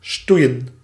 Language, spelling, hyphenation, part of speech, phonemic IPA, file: Dutch, stoeien, stoe‧ien, verb, /ˈstuiə(n)/, Nl-stoeien.ogg
- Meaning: 1. to fight in a playful way 2. to romp (to play roughly or energetically)